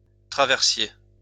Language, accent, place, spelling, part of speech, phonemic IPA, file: French, France, Lyon, traversier, adjective / noun, /tʁa.vɛʁ.sje/, LL-Q150 (fra)-traversier.wav
- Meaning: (adjective) crossing, transverse; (noun) ferry (for cars, etc.)